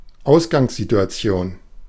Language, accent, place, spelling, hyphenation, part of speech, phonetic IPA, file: German, Germany, Berlin, Ausgangssituation, Aus‧gangs‧si‧tu‧a‧ti‧on, noun, [ˈaʊ̯sɡaŋszituaˌt͡si̯oːn], De-Ausgangssituation.ogg
- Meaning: initial situation, starting situation